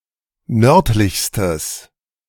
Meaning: strong/mixed nominative/accusative neuter singular superlative degree of nördlich
- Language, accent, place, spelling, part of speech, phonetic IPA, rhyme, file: German, Germany, Berlin, nördlichstes, adjective, [ˈnœʁtlɪçstəs], -œʁtlɪçstəs, De-nördlichstes.ogg